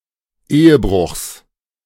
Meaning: genitive singular of Ehebruch
- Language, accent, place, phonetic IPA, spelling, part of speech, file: German, Germany, Berlin, [ˈeːəˌbʁʊxs], Ehebruchs, noun, De-Ehebruchs.ogg